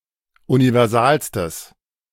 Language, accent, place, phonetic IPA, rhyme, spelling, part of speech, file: German, Germany, Berlin, [univɛʁˈzaːlstəs], -aːlstəs, universalstes, adjective, De-universalstes.ogg
- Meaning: strong/mixed nominative/accusative neuter singular superlative degree of universal